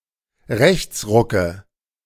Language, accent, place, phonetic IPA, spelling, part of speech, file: German, Germany, Berlin, [ˈʁɛçt͡sˌʁʊkə], Rechtsrucke, noun, De-Rechtsrucke.ogg
- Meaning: nominative/accusative/genitive plural of Rechtsruck